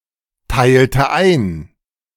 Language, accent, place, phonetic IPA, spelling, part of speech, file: German, Germany, Berlin, [ˌtaɪ̯ltə ˈaɪ̯n], teilte ein, verb, De-teilte ein.ogg
- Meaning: inflection of einteilen: 1. first/third-person singular preterite 2. first/third-person singular subjunctive II